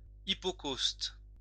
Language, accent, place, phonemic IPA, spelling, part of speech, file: French, France, Lyon, /i.pɔ.kost/, hypocauste, noun, LL-Q150 (fra)-hypocauste.wav
- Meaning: hypocaust